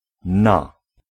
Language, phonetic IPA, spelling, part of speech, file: Polish, [na], na, preposition / interjection, Pl-na.ogg